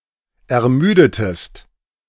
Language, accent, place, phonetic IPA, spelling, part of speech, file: German, Germany, Berlin, [ɛɐ̯ˈmyːdətəst], ermüdetest, verb, De-ermüdetest.ogg
- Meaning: inflection of ermüden: 1. second-person singular preterite 2. second-person singular subjunctive II